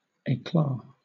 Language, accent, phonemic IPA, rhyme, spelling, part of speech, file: English, Southern England, /eɪˈklɑː/, -ɑː, éclat, noun, LL-Q1860 (eng)-éclat.wav
- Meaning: A brilliant or successful effect; brilliance of success or effort; splendor; brilliant show; striking effect; glory; renown